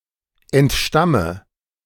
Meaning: inflection of entstammen: 1. first-person singular present 2. first/third-person singular subjunctive I 3. singular imperative
- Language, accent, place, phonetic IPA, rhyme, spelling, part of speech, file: German, Germany, Berlin, [ɛntˈʃtamə], -amə, entstamme, verb, De-entstamme.ogg